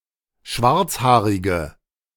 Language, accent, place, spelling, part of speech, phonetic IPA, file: German, Germany, Berlin, schwarzhaarige, adjective, [ˈʃvaʁt͡sˌhaːʁɪɡə], De-schwarzhaarige.ogg
- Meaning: inflection of schwarzhaarig: 1. strong/mixed nominative/accusative feminine singular 2. strong nominative/accusative plural 3. weak nominative all-gender singular